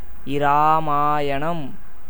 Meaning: Ramayana
- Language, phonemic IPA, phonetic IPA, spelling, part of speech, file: Tamil, /ɪɾɑːmɑːjɐɳɐm/, [ɪɾäːmäːjɐɳɐm], இராமாயணம், proper noun, Ta-இராமாயணம்.ogg